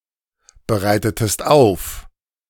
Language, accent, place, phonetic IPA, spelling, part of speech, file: German, Germany, Berlin, [bəˌʁaɪ̯tətəst ˈaʊ̯f], bereitetest auf, verb, De-bereitetest auf.ogg
- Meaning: inflection of aufbereiten: 1. second-person singular preterite 2. second-person singular subjunctive II